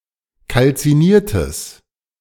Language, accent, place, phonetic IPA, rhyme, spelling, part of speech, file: German, Germany, Berlin, [kalt͡siˈniːɐ̯təs], -iːɐ̯təs, kalziniertes, adjective, De-kalziniertes.ogg
- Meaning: strong/mixed nominative/accusative neuter singular of kalziniert